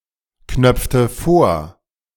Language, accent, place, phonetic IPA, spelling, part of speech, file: German, Germany, Berlin, [ˌknœp͡ftə ˈfoːɐ̯], knöpfte vor, verb, De-knöpfte vor.ogg
- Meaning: inflection of vorknöpfen: 1. first/third-person singular preterite 2. first/third-person singular subjunctive II